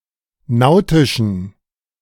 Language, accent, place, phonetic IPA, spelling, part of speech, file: German, Germany, Berlin, [ˈnaʊ̯tɪʃn̩], nautischen, adjective, De-nautischen.ogg
- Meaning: inflection of nautisch: 1. strong genitive masculine/neuter singular 2. weak/mixed genitive/dative all-gender singular 3. strong/weak/mixed accusative masculine singular 4. strong dative plural